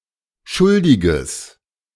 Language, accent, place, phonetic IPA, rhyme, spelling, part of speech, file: German, Germany, Berlin, [ˈʃʊldɪɡəs], -ʊldɪɡəs, schuldiges, adjective, De-schuldiges.ogg
- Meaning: strong/mixed nominative/accusative neuter singular of schuldig